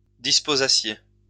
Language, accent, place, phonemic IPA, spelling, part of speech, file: French, France, Lyon, /dis.po.za.sje/, disposassiez, verb, LL-Q150 (fra)-disposassiez.wav
- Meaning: second-person plural imperfect subjunctive of disposer